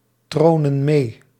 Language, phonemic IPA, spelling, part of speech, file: Dutch, /ˈtronə(n) ˈme/, tronen mee, verb, Nl-tronen mee.ogg
- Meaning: inflection of meetronen: 1. plural present indicative 2. plural present subjunctive